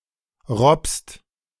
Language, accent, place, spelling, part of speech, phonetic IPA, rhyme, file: German, Germany, Berlin, robbst, verb, [ʁɔpst], -ɔpst, De-robbst.ogg
- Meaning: second-person singular present of robben